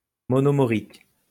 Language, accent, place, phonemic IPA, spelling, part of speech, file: French, France, Lyon, /mɔ.nɔ.mɔ.ʁik/, monomorique, adjective, LL-Q150 (fra)-monomorique.wav
- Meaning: monomoraic